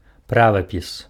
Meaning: orthography, spelling (a generally accepted system of rules for writing words, specific to a particular literary language)
- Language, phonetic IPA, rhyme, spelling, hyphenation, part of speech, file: Belarusian, [ˈpravapʲis], -avapʲis, правапіс, пра‧ва‧піс, noun, Be-правапіс.ogg